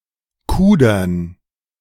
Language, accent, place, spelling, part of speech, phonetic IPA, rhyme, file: German, Germany, Berlin, Kudern, noun, [ˈkuːdɐn], -uːdɐn, De-Kudern.ogg
- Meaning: 1. dative plural of Kuder 2. gerund of kudern